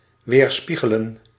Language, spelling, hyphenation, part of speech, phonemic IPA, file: Dutch, weerspiegelen, weer‧spie‧ge‧len, verb, /ˌʋeːrˈspi.ɣə.lə(n)/, Nl-weerspiegelen.ogg
- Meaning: to reflect, to mirror